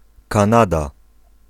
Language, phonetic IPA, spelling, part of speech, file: Polish, [kãˈnada], Kanada, proper noun, Pl-Kanada.ogg